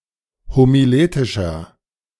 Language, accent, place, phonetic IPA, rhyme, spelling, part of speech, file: German, Germany, Berlin, [homiˈleːtɪʃɐ], -eːtɪʃɐ, homiletischer, adjective, De-homiletischer.ogg
- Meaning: inflection of homiletisch: 1. strong/mixed nominative masculine singular 2. strong genitive/dative feminine singular 3. strong genitive plural